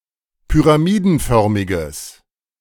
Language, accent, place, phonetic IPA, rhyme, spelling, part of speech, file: German, Germany, Berlin, [pyʁaˈmiːdn̩ˌfœʁmɪɡəs], -iːdn̩fœʁmɪɡəs, pyramidenförmiges, adjective, De-pyramidenförmiges.ogg
- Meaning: strong/mixed nominative/accusative neuter singular of pyramidenförmig